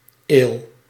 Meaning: ale
- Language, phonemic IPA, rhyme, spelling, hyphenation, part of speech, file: Dutch, /eːl/, -eːl, ale, ale, noun, Nl-ale.ogg